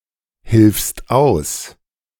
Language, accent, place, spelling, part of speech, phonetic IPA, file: German, Germany, Berlin, hilfst aus, verb, [ˌhɪlfst ˈaʊ̯s], De-hilfst aus.ogg
- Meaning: second-person singular present of aushelfen